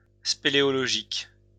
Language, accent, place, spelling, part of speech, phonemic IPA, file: French, France, Lyon, spéléologique, adjective, /spe.le.ɔ.lɔ.ʒik/, LL-Q150 (fra)-spéléologique.wav
- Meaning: of caving, of cave exploration; speleological